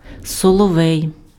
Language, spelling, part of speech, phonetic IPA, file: Ukrainian, соловей, noun, [sɔɫɔˈʋɛi̯], Uk-соловей.ogg
- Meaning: nightingale